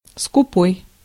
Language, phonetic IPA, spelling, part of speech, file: Russian, [skʊˈpoj], скупой, adjective / noun, Ru-скупой.ogg
- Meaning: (adjective) 1. avaricious, stingy, frugal, mean, parsimonious, miserly 2. scanty, poor 3. taciturn; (noun) miser